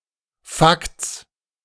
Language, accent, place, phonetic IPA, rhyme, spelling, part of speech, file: German, Germany, Berlin, [fakt͡s], -akt͡s, Fakts, noun, De-Fakts.ogg
- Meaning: 1. genitive singular of Fakt 2. plural of Fakt